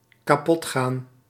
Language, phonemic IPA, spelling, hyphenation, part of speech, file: Dutch, /kaːˈpɔtˌxaːn/, kapotgaan, ka‧pot‧gaan, verb, Nl-kapotgaan.ogg
- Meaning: to break down